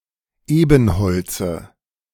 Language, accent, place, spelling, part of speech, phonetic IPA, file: German, Germany, Berlin, Ebenholze, noun, [ˈeːbn̩ˌhɔlt͡sə], De-Ebenholze.ogg
- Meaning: dative singular of Ebenholz